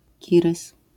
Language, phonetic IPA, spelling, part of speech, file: Polish, [ˈcirɨs], kirys, noun, LL-Q809 (pol)-kirys.wav